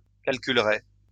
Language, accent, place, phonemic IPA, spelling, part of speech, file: French, France, Lyon, /kal.kyl.ʁe/, calculerai, verb, LL-Q150 (fra)-calculerai.wav
- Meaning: first-person singular future of calculer